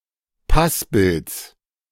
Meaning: genitive of Passbild
- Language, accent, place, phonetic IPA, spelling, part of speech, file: German, Germany, Berlin, [ˈpasbɪlt͡s], Passbilds, noun, De-Passbilds.ogg